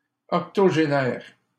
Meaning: octogenarian
- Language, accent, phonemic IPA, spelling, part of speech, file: French, Canada, /ɔk.tɔ.ʒe.nɛʁ/, octogénaire, noun, LL-Q150 (fra)-octogénaire.wav